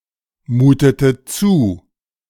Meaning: inflection of zumuten: 1. first/third-person singular preterite 2. first/third-person singular subjunctive II
- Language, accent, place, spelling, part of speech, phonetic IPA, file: German, Germany, Berlin, mutete zu, verb, [ˌmuːtətə ˈt͡su], De-mutete zu.ogg